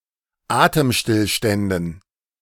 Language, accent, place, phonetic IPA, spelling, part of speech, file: German, Germany, Berlin, [ˈaːtəmˌʃtɪlʃtɛndn̩], Atemstillständen, noun, De-Atemstillständen.ogg
- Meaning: dative plural of Atemstillstand